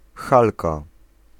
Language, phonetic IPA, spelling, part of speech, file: Polish, [ˈxalka], halka, noun, Pl-halka.ogg